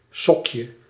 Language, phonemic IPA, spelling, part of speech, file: Dutch, /ˈsɔkjə/, sokje, noun, Nl-sokje.ogg
- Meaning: diminutive of sok